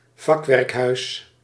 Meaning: a timber-frame house, a half-timbered house
- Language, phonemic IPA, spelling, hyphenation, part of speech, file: Dutch, /ˈvɑk.ʋɛrkˌɦœy̯s/, vakwerkhuis, vak‧werk‧huis, noun, Nl-vakwerkhuis.ogg